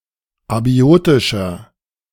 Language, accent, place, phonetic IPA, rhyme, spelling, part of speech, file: German, Germany, Berlin, [aˈbi̯oːtɪʃɐ], -oːtɪʃɐ, abiotischer, adjective, De-abiotischer.ogg
- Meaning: inflection of abiotisch: 1. strong/mixed nominative masculine singular 2. strong genitive/dative feminine singular 3. strong genitive plural